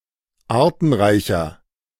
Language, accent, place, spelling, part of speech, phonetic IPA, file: German, Germany, Berlin, artenreicher, adjective, [ˈaːɐ̯tn̩ˌʁaɪ̯çɐ], De-artenreicher.ogg
- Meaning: 1. comparative degree of artenreich 2. inflection of artenreich: strong/mixed nominative masculine singular 3. inflection of artenreich: strong genitive/dative feminine singular